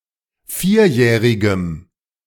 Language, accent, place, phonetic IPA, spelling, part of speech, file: German, Germany, Berlin, [ˈfiːɐ̯ˌjɛːʁɪɡə], vierjährige, adjective, De-vierjährige.ogg
- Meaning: inflection of vierjährig: 1. strong/mixed nominative/accusative feminine singular 2. strong nominative/accusative plural 3. weak nominative all-gender singular